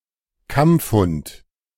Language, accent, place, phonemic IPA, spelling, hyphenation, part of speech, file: German, Germany, Berlin, /ˈkamp͡fˌhʊnt/, Kampfhund, Kampf‧hund, noun, De-Kampfhund.ogg
- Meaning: attack dog